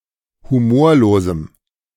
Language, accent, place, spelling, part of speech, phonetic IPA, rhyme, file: German, Germany, Berlin, humorlosem, adjective, [huˈmoːɐ̯loːzm̩], -oːɐ̯loːzm̩, De-humorlosem.ogg
- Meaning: strong dative masculine/neuter singular of humorlos